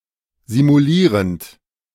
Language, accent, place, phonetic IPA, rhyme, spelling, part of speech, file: German, Germany, Berlin, [zimuˈliːʁənt], -iːʁənt, simulierend, verb, De-simulierend.ogg
- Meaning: present participle of simulieren